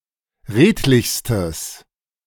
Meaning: strong/mixed nominative/accusative neuter singular superlative degree of redlich
- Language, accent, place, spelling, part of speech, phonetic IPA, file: German, Germany, Berlin, redlichstes, adjective, [ˈʁeːtlɪçstəs], De-redlichstes.ogg